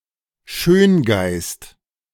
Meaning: aesthete, belletrist (someone who cultivates a high sensitivity to beauty, particularly in the arts)
- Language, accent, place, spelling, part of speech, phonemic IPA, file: German, Germany, Berlin, Schöngeist, noun, /ˈʃøːnˌɡaɪ̯st/, De-Schöngeist.ogg